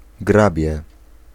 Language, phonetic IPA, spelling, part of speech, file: Polish, [ˈɡrabʲjɛ], grabie, noun, Pl-grabie.ogg